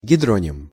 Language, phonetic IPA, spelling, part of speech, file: Russian, [ɡʲɪˈdronʲɪm], гидроним, noun, Ru-гидроним.ogg
- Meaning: hydronym